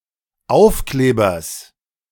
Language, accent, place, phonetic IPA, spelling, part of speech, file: German, Germany, Berlin, [ˈaʊ̯fˌkleːbɐs], Aufklebers, noun, De-Aufklebers.ogg
- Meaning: genitive singular of Aufkleber